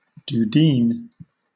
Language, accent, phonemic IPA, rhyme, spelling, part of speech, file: English, Southern England, /duːˈdiːn/, -iːn, dudeen, noun, LL-Q1860 (eng)-dudeen.wav
- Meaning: A short-stemmed Irish pipe made out of clay